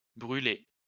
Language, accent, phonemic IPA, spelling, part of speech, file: French, France, /bʁy.le/, brûlées, verb, LL-Q150 (fra)-brûlées.wav
- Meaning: feminine plural of brûlé